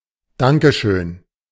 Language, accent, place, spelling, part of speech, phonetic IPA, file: German, Germany, Berlin, Dankeschön, noun, [ˈdaŋkə ʃøːn], De-Dankeschön.ogg
- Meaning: thanks, thank-you message, word of thanks